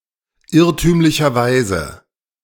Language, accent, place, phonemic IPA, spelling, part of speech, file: German, Germany, Berlin, /ˈɪʁtyːmlɪçɐˌvaɪ̯zə/, irrtümlicherweise, adverb, De-irrtümlicherweise.ogg
- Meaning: erroneously; mistakenly, inadvertently